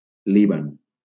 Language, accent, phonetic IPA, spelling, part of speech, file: Catalan, Valencia, [ˈli.ban], Líban, proper noun, LL-Q7026 (cat)-Líban.wav
- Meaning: Lebanon (a country in West Asia in the Middle East)